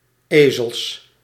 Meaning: plural of ezel
- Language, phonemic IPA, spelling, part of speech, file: Dutch, /ˈeː.zəls/, ezels, noun, Nl-ezels.ogg